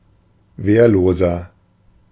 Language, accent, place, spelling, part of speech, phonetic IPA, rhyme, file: German, Germany, Berlin, wehrloser, adjective, [ˈveːɐ̯loːzɐ], -eːɐ̯loːzɐ, De-wehrloser.ogg
- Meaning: inflection of wehrlos: 1. strong/mixed nominative masculine singular 2. strong genitive/dative feminine singular 3. strong genitive plural